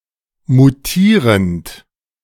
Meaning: present participle of mutieren
- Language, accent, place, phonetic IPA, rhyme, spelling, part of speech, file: German, Germany, Berlin, [muˈtiːʁənt], -iːʁənt, mutierend, verb, De-mutierend.ogg